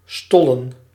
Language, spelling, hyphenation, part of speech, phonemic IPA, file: Dutch, stollen, stol‧len, verb / noun, /ˈstɔ.lə(n)/, Nl-stollen.ogg
- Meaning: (verb) 1. to coagulate, to solidify, to congeal 2. to coagulate, to solidify; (noun) plural of stol